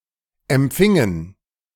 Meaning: inflection of empfangen: 1. first/third-person plural preterite 2. first/third-person plural subjunctive II
- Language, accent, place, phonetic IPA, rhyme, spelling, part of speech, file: German, Germany, Berlin, [ɛmˈp͡fɪŋən], -ɪŋən, empfingen, verb, De-empfingen.ogg